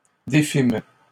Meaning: first-person plural past historic of défaire
- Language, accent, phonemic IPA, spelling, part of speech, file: French, Canada, /de.fim/, défîmes, verb, LL-Q150 (fra)-défîmes.wav